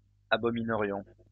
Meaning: first-person plural conditional of abominer
- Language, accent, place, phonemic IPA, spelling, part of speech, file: French, France, Lyon, /a.bɔ.mi.nə.ʁjɔ̃/, abominerions, verb, LL-Q150 (fra)-abominerions.wav